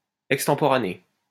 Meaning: extemporaneous
- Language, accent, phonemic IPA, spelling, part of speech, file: French, France, /ɛk.stɑ̃.pɔ.ʁa.ne/, extemporané, adjective, LL-Q150 (fra)-extemporané.wav